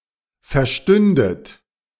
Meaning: second-person plural subjunctive II of verstehen
- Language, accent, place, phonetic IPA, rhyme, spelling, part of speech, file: German, Germany, Berlin, [fɛɐ̯ˈʃtʏndət], -ʏndət, verstündet, verb, De-verstündet.ogg